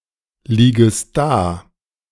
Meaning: second-person singular subjunctive I of daliegen
- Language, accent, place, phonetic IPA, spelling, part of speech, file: German, Germany, Berlin, [ˌliːɡəst ˈdaː], liegest da, verb, De-liegest da.ogg